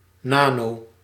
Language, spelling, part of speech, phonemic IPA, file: Dutch, nano-, prefix, /ˈna.no/, Nl-nano-.ogg
- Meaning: nano-